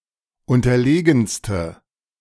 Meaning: inflection of unterlegen: 1. strong/mixed nominative/accusative feminine singular superlative degree 2. strong nominative/accusative plural superlative degree
- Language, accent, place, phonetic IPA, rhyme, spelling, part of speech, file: German, Germany, Berlin, [ˌʊntɐˈleːɡn̩stə], -eːɡn̩stə, unterlegenste, adjective, De-unterlegenste.ogg